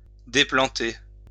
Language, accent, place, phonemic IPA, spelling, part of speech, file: French, France, Lyon, /de.plɑ̃.te/, déplanter, verb, LL-Q150 (fra)-déplanter.wav
- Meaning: to deplant